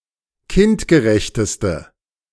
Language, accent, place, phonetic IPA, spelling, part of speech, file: German, Germany, Berlin, [ˈkɪntɡəˌʁɛçtəstə], kindgerechteste, adjective, De-kindgerechteste.ogg
- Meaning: inflection of kindgerecht: 1. strong/mixed nominative/accusative feminine singular superlative degree 2. strong nominative/accusative plural superlative degree